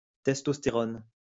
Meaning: testosterone (steroid hormone that stimulates development of male secondary sexual characteristics, produced mainly in the testes, but also in the ovaries and adrenal cortex)
- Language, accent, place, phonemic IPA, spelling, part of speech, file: French, France, Lyon, /tɛs.tɔs.te.ʁɔn/, testostérone, noun, LL-Q150 (fra)-testostérone.wav